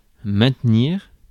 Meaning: 1. to maintain 2. to stick to 3. to stay fair 4. to persist 5. to keep up
- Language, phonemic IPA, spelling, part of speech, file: French, /mɛ̃t.niʁ/, maintenir, verb, Fr-maintenir.ogg